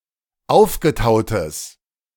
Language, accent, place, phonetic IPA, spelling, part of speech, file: German, Germany, Berlin, [ˈaʊ̯fɡəˌtaʊ̯təs], aufgetautes, adjective, De-aufgetautes.ogg
- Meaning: strong/mixed nominative/accusative neuter singular of aufgetaut